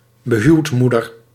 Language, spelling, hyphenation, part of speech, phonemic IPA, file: Dutch, behuwdmoeder, be‧huwd‧moe‧der, noun, /bəˈɦyu̯tˌmu.dər/, Nl-behuwdmoeder.ogg
- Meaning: mother-in-law